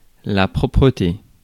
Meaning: cleanliness; cleanness
- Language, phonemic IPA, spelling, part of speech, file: French, /pʁɔ.pʁə.te/, propreté, noun, Fr-propreté.ogg